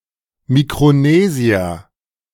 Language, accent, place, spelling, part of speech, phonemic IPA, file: German, Germany, Berlin, Mikronesier, noun, /mikʁoˈneːziɐ/, De-Mikronesier.ogg
- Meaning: Micronesian (A person from Micronesia or of Micronesian descent)